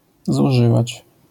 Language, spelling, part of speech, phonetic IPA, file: Polish, zużywać, verb, [zuˈʒɨvat͡ɕ], LL-Q809 (pol)-zużywać.wav